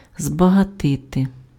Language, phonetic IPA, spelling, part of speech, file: Ukrainian, [zbɐɦɐˈtɪte], збагатити, verb, Uk-збагатити.ogg
- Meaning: 1. to enrich, to make rich, to make richer 2. to concentrate